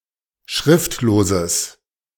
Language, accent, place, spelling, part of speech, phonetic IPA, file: German, Germany, Berlin, schriftloses, adjective, [ˈʃʁɪftloːzəs], De-schriftloses.ogg
- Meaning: strong/mixed nominative/accusative neuter singular of schriftlos